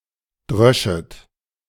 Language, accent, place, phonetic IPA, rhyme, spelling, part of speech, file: German, Germany, Berlin, [ˈdʁœʃət], -œʃət, dröschet, verb, De-dröschet.ogg
- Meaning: second-person plural subjunctive II of dreschen